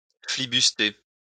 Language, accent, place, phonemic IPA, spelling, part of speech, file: French, France, Lyon, /fli.bys.te/, flibuster, verb, LL-Q150 (fra)-flibuster.wav
- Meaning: 1. to buccaneer 2. to steal; to filch